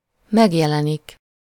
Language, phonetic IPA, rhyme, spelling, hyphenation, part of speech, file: Hungarian, [ˈmɛɡjɛlɛnik], -ɛnik, megjelenik, meg‧je‧le‧nik, verb, Hu-megjelenik.ogg
- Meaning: to appear